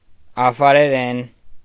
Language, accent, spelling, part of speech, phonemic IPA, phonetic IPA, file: Armenian, Eastern Armenian, աֆարերեն, noun / adverb / adjective, /ɑfɑɾeˈɾen/, [ɑfɑɾeɾén], Hy-աֆարերեն.ogg
- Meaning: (noun) Afar (language); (adverb) in Afar; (adjective) Afar (of or pertaining to the language)